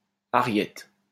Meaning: arietta
- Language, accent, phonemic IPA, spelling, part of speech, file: French, France, /a.ʁjɛt/, ariette, noun, LL-Q150 (fra)-ariette.wav